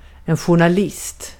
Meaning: a journalist
- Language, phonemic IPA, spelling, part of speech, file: Swedish, /ɧʊrnaˈlɪst/, journalist, noun, Sv-journalist.ogg